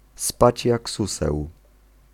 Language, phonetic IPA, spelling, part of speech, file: Polish, [ˈspat͡ɕ ˈjak ˈsusɛw], spać jak suseł, phrase, Pl-spać jak suseł.ogg